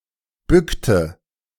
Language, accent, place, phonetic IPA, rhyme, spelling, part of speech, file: German, Germany, Berlin, [ˈbʏktə], -ʏktə, bückte, verb, De-bückte.ogg
- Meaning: inflection of bücken: 1. first/third-person singular preterite 2. first/third-person singular subjunctive II